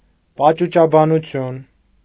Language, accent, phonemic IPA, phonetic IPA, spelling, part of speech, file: Armenian, Eastern Armenian, /pɑt͡ʃut͡ʃɑbɑnuˈtʰjun/, [pɑt͡ʃut͡ʃɑbɑnut͡sʰjún], պաճուճաբանություն, noun, Hy-պաճուճաբանություն.ogg
- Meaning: ornate, overembellished speech